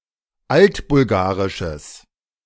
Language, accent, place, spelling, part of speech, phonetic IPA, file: German, Germany, Berlin, altbulgarisches, adjective, [ˈaltbʊlˌɡaːʁɪʃəs], De-altbulgarisches.ogg
- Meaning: strong/mixed nominative/accusative neuter singular of altbulgarisch